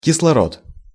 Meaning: oxygen
- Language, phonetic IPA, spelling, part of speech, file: Russian, [kʲɪsɫɐˈrot], кислород, noun, Ru-кислород.ogg